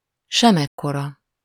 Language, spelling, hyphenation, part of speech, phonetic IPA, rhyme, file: Hungarian, semekkora, se‧mek‧ko‧ra, pronoun, [ˈʃɛmɛkːorɒ], -rɒ, Hu-semekkora.ogg
- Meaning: not any, nothing at all, none